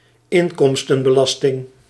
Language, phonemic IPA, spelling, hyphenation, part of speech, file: Dutch, /ˈɪŋkɔmstə(n)bəˌlɑstɪŋ/, inkomstenbelasting, in‧kom‧sten‧be‧las‧ting, noun, Nl-inkomstenbelasting.ogg
- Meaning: income tax